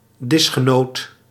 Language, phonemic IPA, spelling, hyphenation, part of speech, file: Dutch, /ˈdɪs.xəˌnoːt/, disgenoot, dis‧ge‧noot, noun, Nl-disgenoot.ogg
- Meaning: a table companion, one of several people seated and eating at the same dinner table